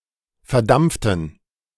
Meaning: inflection of verdampft: 1. strong genitive masculine/neuter singular 2. weak/mixed genitive/dative all-gender singular 3. strong/weak/mixed accusative masculine singular 4. strong dative plural
- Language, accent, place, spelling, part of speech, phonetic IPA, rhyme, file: German, Germany, Berlin, verdampften, adjective / verb, [fɛɐ̯ˈdamp͡ftn̩], -amp͡ftn̩, De-verdampften.ogg